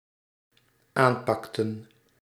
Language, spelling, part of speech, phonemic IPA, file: Dutch, aanpakten, verb, /ˈampɑktə(n)/, Nl-aanpakten.ogg
- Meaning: inflection of aanpakken: 1. plural dependent-clause past indicative 2. plural dependent-clause past subjunctive